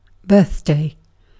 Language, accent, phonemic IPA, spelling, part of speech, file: English, UK, /ˈbɜːθ.deɪ/, birthday, noun / verb, En-uk-birthday.ogg
- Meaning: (noun) 1. The anniversary of the day on which someone is born 2. The anniversary of the day on which something is created